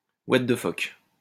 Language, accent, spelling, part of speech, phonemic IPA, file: French, France, ouate de phoque, interjection, /wat də fɔk/, LL-Q150 (fra)-ouate de phoque.wav
- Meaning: what the fuck